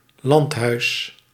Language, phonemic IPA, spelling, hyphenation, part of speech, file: Dutch, /ˈlɑnt.ɦœy̯s/, landhuis, land‧huis, noun, Nl-landhuis.ogg
- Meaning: 1. country house (UK), villa (large, luxury residence in a campestral or semirural environment) 2. plantation house (the main house on a plantation) 3. farmhouse (residence as part of a farm)